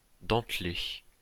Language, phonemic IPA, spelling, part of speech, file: French, /dɑ̃t.le/, dentelé, adjective, LL-Q150 (fra)-dentelé.wav
- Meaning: 1. jagged 2. indented